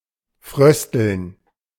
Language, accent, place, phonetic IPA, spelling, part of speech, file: German, Germany, Berlin, [ˈfʁœstl̩n], frösteln, verb, De-frösteln.ogg
- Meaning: to shiver, to feel chilly, to shudder